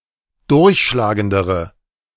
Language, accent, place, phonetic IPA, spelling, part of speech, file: German, Germany, Berlin, [ˈdʊʁçʃlaːɡəndəʁə], durchschlagendere, adjective, De-durchschlagendere.ogg
- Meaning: inflection of durchschlagend: 1. strong/mixed nominative/accusative feminine singular comparative degree 2. strong nominative/accusative plural comparative degree